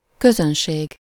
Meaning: 1. audience, house (a group of people seeing a performance) 2. public, people, everyone
- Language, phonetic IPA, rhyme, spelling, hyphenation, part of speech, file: Hungarian, [ˈkøzønʃeːɡ], -eːɡ, közönség, kö‧zön‧ség, noun, Hu-közönség.ogg